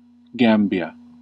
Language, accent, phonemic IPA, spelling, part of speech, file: English, US, /ˈɡæm.bi.ə/, Gambia, proper noun, En-us-Gambia.ogg
- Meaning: 1. A river in West Africa 2. A country in West Africa. Official name: Republic of The Gambia